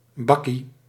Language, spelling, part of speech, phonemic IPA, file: Dutch, bakkie, noun, /ˈbɑ.ki/, Nl-bakkie.ogg
- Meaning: 1. alternative form of bakje 2. cuppa joe (a cup of coffee)